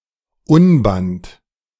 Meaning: rascal; wild, boisterous person, most often a child
- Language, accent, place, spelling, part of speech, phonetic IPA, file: German, Germany, Berlin, Unband, noun, [ˈʊnbant], De-Unband.ogg